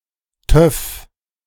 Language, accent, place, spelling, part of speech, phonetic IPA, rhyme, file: German, Germany, Berlin, Töff, noun, [tœf], -œf, De-Töff.ogg
- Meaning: motorcycle